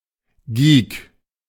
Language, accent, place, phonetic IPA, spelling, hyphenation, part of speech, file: German, Germany, Berlin, [ɡiːk], Geek, Geek, noun, De-Geek.ogg
- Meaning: geek